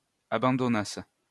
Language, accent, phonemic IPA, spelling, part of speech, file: French, France, /a.bɑ̃.dɔ.nas/, abandonnasse, verb, LL-Q150 (fra)-abandonnasse.wav
- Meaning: first-person singular imperfect subjunctive of abandonner